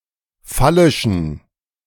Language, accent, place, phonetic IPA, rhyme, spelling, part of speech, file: German, Germany, Berlin, [ˈfalɪʃn̩], -alɪʃn̩, phallischen, adjective, De-phallischen.ogg
- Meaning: inflection of phallisch: 1. strong genitive masculine/neuter singular 2. weak/mixed genitive/dative all-gender singular 3. strong/weak/mixed accusative masculine singular 4. strong dative plural